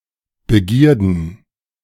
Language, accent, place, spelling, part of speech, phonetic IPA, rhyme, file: German, Germany, Berlin, Begierden, noun, [bəˈɡiːɐ̯dn̩], -iːɐ̯dn̩, De-Begierden.ogg
- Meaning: plural of Begierde